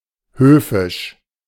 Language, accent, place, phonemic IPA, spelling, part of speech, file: German, Germany, Berlin, /ˈhøːfɪʃ/, höfisch, adjective, De-höfisch.ogg
- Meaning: courtly